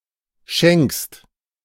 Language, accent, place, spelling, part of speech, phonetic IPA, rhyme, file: German, Germany, Berlin, schenkst, verb, [ʃɛŋkst], -ɛŋkst, De-schenkst.ogg
- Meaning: second-person singular present of schenken